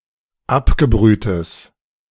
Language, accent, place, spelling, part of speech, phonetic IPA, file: German, Germany, Berlin, abgebrühtes, adjective, [ˈapɡəˌbʁyːtəs], De-abgebrühtes.ogg
- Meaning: strong/mixed nominative/accusative neuter singular of abgebrüht